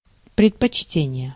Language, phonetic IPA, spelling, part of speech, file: Russian, [prʲɪtpɐt͡ɕˈtʲenʲɪje], предпочтение, noun, Ru-предпочтение.ogg
- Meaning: preference, predilection (a state being preferred)